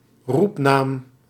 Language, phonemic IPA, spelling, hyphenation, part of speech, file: Dutch, /ˈrup.naːm/, roepnaam, roep‧naam, noun, Nl-roepnaam.ogg
- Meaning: usual given name (i.e. by which one is usually called)